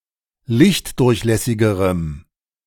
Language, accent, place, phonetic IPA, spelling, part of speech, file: German, Germany, Berlin, [ˈlɪçtˌdʊʁçlɛsɪɡəʁəm], lichtdurchlässigerem, adjective, De-lichtdurchlässigerem.ogg
- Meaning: strong dative masculine/neuter singular comparative degree of lichtdurchlässig